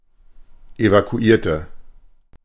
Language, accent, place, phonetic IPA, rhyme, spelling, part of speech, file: German, Germany, Berlin, [evakuˈiːɐ̯tə], -iːɐ̯tə, evakuierte, adjective / verb, De-evakuierte.ogg
- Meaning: inflection of evakuieren: 1. first/third-person singular preterite 2. first/third-person singular subjunctive II